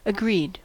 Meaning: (verb) simple past and past participle of agree; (adjective) In harmony; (interjection) Indicates agreement on the part of the speaker
- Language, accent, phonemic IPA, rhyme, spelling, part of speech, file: English, US, /əˈɡɹid/, -iːd, agreed, verb / adjective / interjection, En-us-agreed.ogg